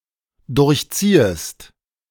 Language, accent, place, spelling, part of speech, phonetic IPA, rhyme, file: German, Germany, Berlin, durchziehest, verb, [ˌdʊʁçˈt͡siːəst], -iːəst, De-durchziehest.ogg
- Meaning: second-person singular dependent subjunctive I of durchziehen